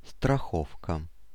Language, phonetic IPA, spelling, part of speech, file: Russian, [strɐˈxofkə], страховка, noun, Ru-страховка.ogg
- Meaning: 1. insurance (indemnity) 2. safety (rope) 3. protection 4. belaying